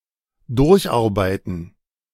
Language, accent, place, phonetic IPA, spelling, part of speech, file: German, Germany, Berlin, [ˈdʊʁçʔaʁˌbaɪ̯tn̩], durcharbeiten, verb, De-durcharbeiten.ogg
- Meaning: to work throughout (e.g. night)